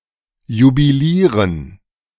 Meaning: to cheer, to gloat
- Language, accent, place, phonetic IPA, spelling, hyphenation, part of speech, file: German, Germany, Berlin, [jubiˈliːrən], jubilieren, ju‧bi‧lie‧ren, verb, De-jubilieren.ogg